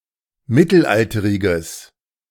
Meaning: strong/mixed nominative/accusative neuter singular of mittelalterig
- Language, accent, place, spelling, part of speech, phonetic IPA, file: German, Germany, Berlin, mittelalteriges, adjective, [ˈmɪtl̩ˌʔaltəʁɪɡəs], De-mittelalteriges.ogg